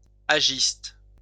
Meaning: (adjective) youth hostel; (noun) member of the youth hostel movement
- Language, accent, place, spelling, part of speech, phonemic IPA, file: French, France, Lyon, ajiste, adjective / noun, /a.ʒist/, LL-Q150 (fra)-ajiste.wav